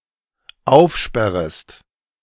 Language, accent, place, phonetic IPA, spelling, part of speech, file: German, Germany, Berlin, [ˈaʊ̯fˌʃpɛʁəst], aufsperrest, verb, De-aufsperrest.ogg
- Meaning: second-person singular dependent subjunctive I of aufsperren